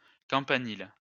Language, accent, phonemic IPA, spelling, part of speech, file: French, France, /kɑ̃.pa.nil/, campanile, noun, LL-Q150 (fra)-campanile.wav
- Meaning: campanile